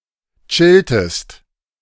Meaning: inflection of chillen: 1. second-person singular preterite 2. second-person singular subjunctive II
- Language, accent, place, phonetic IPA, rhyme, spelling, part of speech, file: German, Germany, Berlin, [ˈt͡ʃɪltəst], -ɪltəst, chilltest, verb, De-chilltest.ogg